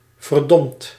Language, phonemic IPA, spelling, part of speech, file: Dutch, /vərˈdɔmt/, verdomd, adjective / adverb / verb, Nl-verdomd.ogg
- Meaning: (adjective) damned; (verb) past participle of verdommen